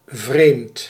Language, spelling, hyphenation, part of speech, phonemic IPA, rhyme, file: Dutch, vreemd, vreemd, adjective, /vreːmt/, -eːmt, Nl-vreemd.ogg
- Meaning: 1. strange, weird, odd 2. foreign, exotic